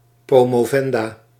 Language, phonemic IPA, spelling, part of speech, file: Dutch, /promoˈvɛnda/, promovenda, noun, Nl-promovenda.ogg
- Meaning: female doctoral student or candidate